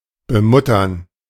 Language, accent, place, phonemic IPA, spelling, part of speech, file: German, Germany, Berlin, /bəˈmʊtɐn/, bemuttern, verb, De-bemuttern.ogg
- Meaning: to mother